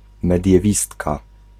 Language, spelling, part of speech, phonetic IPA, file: Polish, mediewistka, noun, [ˌmɛdʲjɛˈvʲistka], Pl-mediewistka.ogg